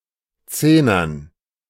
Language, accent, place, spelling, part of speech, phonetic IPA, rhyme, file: German, Germany, Berlin, Zehnern, noun, [ˈt͡seːnɐn], -eːnɐn, De-Zehnern.ogg
- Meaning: dative plural of Zehner